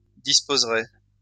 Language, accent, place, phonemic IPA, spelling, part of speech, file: French, France, Lyon, /dis.poz.ʁɛ/, disposerais, verb, LL-Q150 (fra)-disposerais.wav
- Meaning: first/second-person singular conditional of disposer